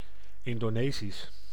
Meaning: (adjective) Indonesian (of or pertaining to Indonesia or the Indonesian language); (proper noun) Indonesian; the language of Indonesia
- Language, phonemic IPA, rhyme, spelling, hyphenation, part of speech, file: Dutch, /ˌɪndoːˈneːzis/, -eːzis, Indonesisch, In‧do‧ne‧sisch, adjective / proper noun, Nl-Indonesisch.ogg